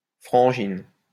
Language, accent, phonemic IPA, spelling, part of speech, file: French, France, /fʁɑ̃.ʒin/, frangine, noun, LL-Q150 (fra)-frangine.wav
- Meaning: 1. sis, sister 2. woman, girl